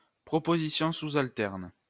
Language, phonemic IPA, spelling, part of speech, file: French, /al.tɛʁn/, alternes, verb, LL-Q150 (fra)-alternes.wav
- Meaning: second-person singular present indicative/subjunctive of alterner